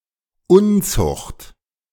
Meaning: fornication; adultery; lewdness; promiscuity (any sexual behaviour considered immoral or forbidden)
- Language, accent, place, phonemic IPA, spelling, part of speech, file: German, Germany, Berlin, /ˈʊnˌtsʊxt/, Unzucht, noun, De-Unzucht.ogg